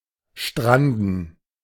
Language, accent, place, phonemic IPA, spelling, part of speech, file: German, Germany, Berlin, /ˈʃtʁandn̩/, stranden, verb, De-stranden.ogg
- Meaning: 1. to strand 2. to fail